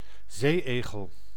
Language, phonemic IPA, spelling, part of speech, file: Dutch, /ˈzeːˌeːɣəl/, zeeëgel, noun, Nl-zeeëgel.ogg
- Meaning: superseded spelling of zee-egel